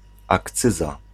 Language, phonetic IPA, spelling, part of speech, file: Polish, [akˈt͡sɨza], akcyza, noun, Pl-akcyza.ogg